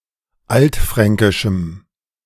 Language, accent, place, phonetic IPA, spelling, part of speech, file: German, Germany, Berlin, [ˈaltˌfʁɛŋkɪʃm̩], altfränkischem, adjective, De-altfränkischem.ogg
- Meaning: strong dative masculine/neuter singular of altfränkisch